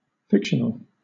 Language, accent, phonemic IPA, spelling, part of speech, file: English, Southern England, /ˈfɪkʃənəl/, fictional, adjective, LL-Q1860 (eng)-fictional.wav
- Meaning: 1. Invented, as opposed to real 2. Containing invented elements 3. Occurring in fiction 4. Concerning fiction (as a genre or medium): having to do with fiction; specific to fiction